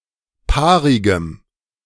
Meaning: strong dative masculine/neuter singular of paarig
- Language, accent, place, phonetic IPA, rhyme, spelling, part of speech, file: German, Germany, Berlin, [ˈpaːʁɪɡəm], -aːʁɪɡəm, paarigem, adjective, De-paarigem.ogg